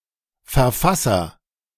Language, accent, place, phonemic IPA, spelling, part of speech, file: German, Germany, Berlin, /ˌfɛɐ̯ˈfasɐ/, Verfasser, noun, De-Verfasser.ogg
- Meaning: author